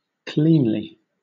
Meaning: 1. In a clean way, neatly 2. Not causing a mess or unnecessary damage 3. Innocently; without stain 4. Adroitly; dexterously
- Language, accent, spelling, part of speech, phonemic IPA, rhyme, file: English, Southern England, cleanly, adverb, /ˈkliːnli/, -iːnli, LL-Q1860 (eng)-cleanly.wav